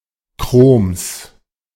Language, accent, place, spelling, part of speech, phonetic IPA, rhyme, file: German, Germany, Berlin, Chroms, noun, [kʁoːms], -oːms, De-Chroms.ogg
- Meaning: genitive singular of Chrom